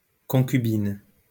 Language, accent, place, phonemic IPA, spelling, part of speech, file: French, France, Lyon, /kɔ̃.ky.bin/, concubine, noun, LL-Q150 (fra)-concubine.wav
- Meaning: 1. cohabitant, female domestic partner 2. concubine